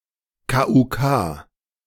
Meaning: alternative form of k. u. k
- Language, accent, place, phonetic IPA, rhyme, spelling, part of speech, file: German, Germany, Berlin, [kaːʔʊntˈkaː], -aː, k.u.k., abbreviation, De-k.u.k..ogg